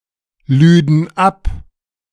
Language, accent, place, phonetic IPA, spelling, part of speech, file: German, Germany, Berlin, [ˌlyːdn̩ ˈap], lüden ab, verb, De-lüden ab.ogg
- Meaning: first/third-person plural subjunctive II of abladen